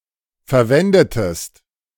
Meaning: inflection of verwenden: 1. second-person singular preterite 2. second-person singular subjunctive II
- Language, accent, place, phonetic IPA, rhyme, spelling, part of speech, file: German, Germany, Berlin, [fɛɐ̯ˈvɛndətəst], -ɛndətəst, verwendetest, verb, De-verwendetest.ogg